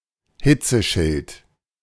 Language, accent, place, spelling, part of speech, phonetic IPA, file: German, Germany, Berlin, Hitzeschild, noun, [ˈhɪt͡səˌʃɪlt], De-Hitzeschild.ogg
- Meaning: heat shield